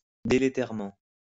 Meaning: deleteriously
- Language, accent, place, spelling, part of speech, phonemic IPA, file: French, France, Lyon, délétèrement, adverb, /de.le.tɛʁ.mɑ̃/, LL-Q150 (fra)-délétèrement.wav